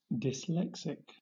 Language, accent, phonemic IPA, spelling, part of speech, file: English, Southern England, /dɪsˈlɛksɪk/, dyslexic, adjective / noun, LL-Q1860 (eng)-dyslexic.wav
- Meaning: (adjective) 1. Of or pertaining to dyslexia 2. Having dyslexia; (noun) A person who has dyslexia